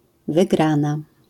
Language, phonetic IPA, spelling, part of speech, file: Polish, [vɨˈɡrãna], wygrana, noun / verb, LL-Q809 (pol)-wygrana.wav